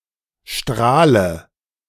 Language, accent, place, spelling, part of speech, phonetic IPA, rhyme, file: German, Germany, Berlin, Strahle, noun, [ˈʃtʁaːlə], -aːlə, De-Strahle.ogg
- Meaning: dative of Strahl